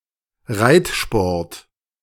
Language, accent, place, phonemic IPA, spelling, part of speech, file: German, Germany, Berlin, /ˈʁaɪ̯tˌʃpɔʁt/, Reitsport, noun, De-Reitsport.ogg
- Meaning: equitation